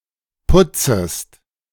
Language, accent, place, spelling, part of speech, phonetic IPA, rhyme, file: German, Germany, Berlin, putzest, verb, [ˈpʊt͡səst], -ʊt͡səst, De-putzest.ogg
- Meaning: second-person singular subjunctive I of putzen